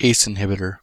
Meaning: Any of a class of blood pressure-lowering drugs, including captopril and enalapril, that cause the arteries to widen by preventing the synthesis on angiotensin
- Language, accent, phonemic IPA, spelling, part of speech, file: English, US, /ˈeɪs ɪnˌhɪb.ɪ.tɚ/, ACE inhibitor, noun, En-us-ACE-inhibitor.ogg